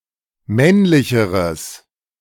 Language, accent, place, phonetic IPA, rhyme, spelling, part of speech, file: German, Germany, Berlin, [ˈmɛnlɪçəʁəs], -ɛnlɪçəʁəs, männlicheres, adjective, De-männlicheres.ogg
- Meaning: strong/mixed nominative/accusative neuter singular comparative degree of männlich